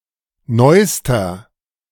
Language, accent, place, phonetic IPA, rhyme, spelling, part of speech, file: German, Germany, Berlin, [ˈnɔɪ̯stɐ], -ɔɪ̯stɐ, neuster, adjective, De-neuster.ogg
- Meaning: inflection of neu: 1. strong/mixed nominative masculine singular superlative degree 2. strong genitive/dative feminine singular superlative degree 3. strong genitive plural superlative degree